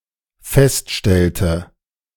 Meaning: inflection of feststellen: 1. first/third-person singular dependent preterite 2. first/third-person singular dependent subjunctive II
- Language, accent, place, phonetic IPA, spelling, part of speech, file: German, Germany, Berlin, [ˈfɛstˌʃtɛltə], feststellte, verb, De-feststellte.ogg